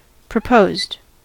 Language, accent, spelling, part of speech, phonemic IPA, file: English, US, proposed, verb / adjective, /pɹəˈpoʊzd/, En-us-proposed.ogg
- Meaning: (verb) simple past and past participle of propose; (adjective) Suggested or planned but not yet implemented